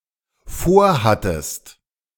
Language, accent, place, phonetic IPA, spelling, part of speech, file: German, Germany, Berlin, [ˈfoːɐ̯ˌhatəst], vorhattest, verb, De-vorhattest.ogg
- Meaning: second-person singular dependent preterite of vorhaben